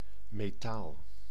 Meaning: 1. metal 2. metal (light tincture)
- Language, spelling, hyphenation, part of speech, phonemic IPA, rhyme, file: Dutch, metaal, me‧taal, noun, /meːˈtaːl/, -aːl, Nl-metaal.ogg